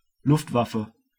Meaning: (noun) air force; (proper noun) 1. The air force of the Third Reich 2. The air force of the Federal Republic of Germany 3. The air force of Switzerland
- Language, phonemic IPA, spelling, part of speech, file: German, /ˈlʊftˌvafə/, Luftwaffe, noun / proper noun, De-Luftwaffe.ogg